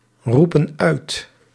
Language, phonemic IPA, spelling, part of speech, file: Dutch, /ˈrupə(n) ˈœyt/, roepen uit, verb, Nl-roepen uit.ogg
- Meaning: inflection of uitroepen: 1. plural present indicative 2. plural present subjunctive